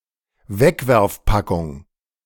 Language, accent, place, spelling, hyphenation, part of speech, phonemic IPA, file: German, Germany, Berlin, Wegwerfpackung, Weg‧werf‧pa‧ckung, noun, /ˈvɛkvɛʁfˌpakʊŋ/, De-Wegwerfpackung.ogg
- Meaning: disposable (food) container